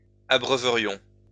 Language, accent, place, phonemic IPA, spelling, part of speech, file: French, France, Lyon, /a.bʁœ.və.ʁjɔ̃/, abreuverions, verb, LL-Q150 (fra)-abreuverions.wav
- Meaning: first-person plural conditional of abreuver